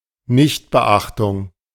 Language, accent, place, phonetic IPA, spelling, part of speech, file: German, Germany, Berlin, [ˈnɪçtbəˌʔaxtʊŋ], Nichtbeachtung, noun, De-Nichtbeachtung.ogg
- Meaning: nonobservance; disregard; intentional failure to follow a suggestion, rule, leader, etc